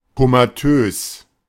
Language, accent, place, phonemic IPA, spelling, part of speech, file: German, Germany, Berlin, /komaˈtøːs/, komatös, adjective, De-komatös.ogg
- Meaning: comatose